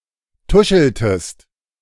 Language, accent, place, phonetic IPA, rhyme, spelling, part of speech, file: German, Germany, Berlin, [ˈtʊʃl̩təst], -ʊʃl̩təst, tuscheltest, verb, De-tuscheltest.ogg
- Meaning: inflection of tuscheln: 1. second-person singular preterite 2. second-person singular subjunctive II